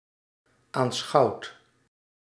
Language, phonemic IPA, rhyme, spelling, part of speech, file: Dutch, /aːnˈsxɑu̯t/, -ɑu̯t, aanschouwd, verb, Nl-aanschouwd.ogg
- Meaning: past participle of aanschouwen